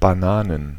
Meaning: plural of Banane "bananas"
- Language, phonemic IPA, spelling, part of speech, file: German, /baˈnaːnən/, Bananen, noun, De-Bananen.ogg